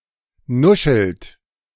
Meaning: inflection of nuscheln: 1. second-person plural present 2. third-person singular present 3. plural imperative
- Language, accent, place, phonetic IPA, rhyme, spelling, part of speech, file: German, Germany, Berlin, [ˈnʊʃl̩t], -ʊʃl̩t, nuschelt, verb, De-nuschelt.ogg